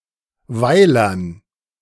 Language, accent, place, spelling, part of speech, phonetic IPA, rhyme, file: German, Germany, Berlin, Weilern, noun, [ˈvaɪ̯lɐn], -aɪ̯lɐn, De-Weilern.ogg
- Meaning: dative plural of Weiler